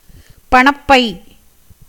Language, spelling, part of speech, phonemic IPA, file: Tamil, பணப்பை, noun, /pɐɳɐpːɐɪ̯/, Ta-பணப்பை.ogg
- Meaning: purse, wallet